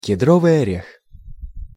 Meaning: pine nut (edible seeds of evergreen pine)
- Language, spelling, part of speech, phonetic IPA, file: Russian, кедровый орех, noun, [kʲɪˈdrovɨj ɐˈrʲex], Ru-кедровый орех.ogg